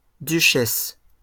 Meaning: plural of duchesse
- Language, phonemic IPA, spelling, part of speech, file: French, /dy.ʃɛs/, duchesses, noun, LL-Q150 (fra)-duchesses.wav